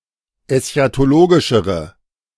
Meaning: inflection of eschatologisch: 1. strong/mixed nominative/accusative feminine singular comparative degree 2. strong nominative/accusative plural comparative degree
- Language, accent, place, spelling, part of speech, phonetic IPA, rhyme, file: German, Germany, Berlin, eschatologischere, adjective, [ɛsçatoˈloːɡɪʃəʁə], -oːɡɪʃəʁə, De-eschatologischere.ogg